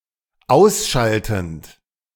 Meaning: present participle of ausschalten
- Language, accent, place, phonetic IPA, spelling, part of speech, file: German, Germany, Berlin, [ˈaʊ̯sˌʃaltn̩t], ausschaltend, verb, De-ausschaltend.ogg